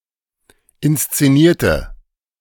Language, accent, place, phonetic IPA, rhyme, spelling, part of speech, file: German, Germany, Berlin, [ɪnst͡seˈniːɐ̯tə], -iːɐ̯tə, inszenierte, adjective / verb, De-inszenierte.ogg
- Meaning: inflection of inszenieren: 1. first/third-person singular preterite 2. first/third-person singular subjunctive II